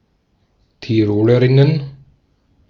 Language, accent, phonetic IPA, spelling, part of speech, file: German, Austria, [tiˈʁoːləʁɪnən], Tirolerinnen, noun, De-at-Tirolerinnen.ogg
- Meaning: plural of Tirolerin